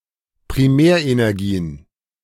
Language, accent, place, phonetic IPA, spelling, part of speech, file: German, Germany, Berlin, [pʁiˈmɛːɐ̯ʔenɛʁˌɡiːən], Primärenergien, noun, De-Primärenergien.ogg
- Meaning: plural of Primärenergie